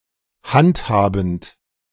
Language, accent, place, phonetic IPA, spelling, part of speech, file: German, Germany, Berlin, [ˈhantˌhaːbn̩t], handhabend, verb, De-handhabend.ogg
- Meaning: present participle of handhaben